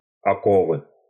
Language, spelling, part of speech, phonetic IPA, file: Russian, оковы, noun, [ɐˈkovɨ], Ru-оковы.ogg
- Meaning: 1. shackles, manacles, gyves, fetters, irons (paired wrist or ankle restraints) 2. bondage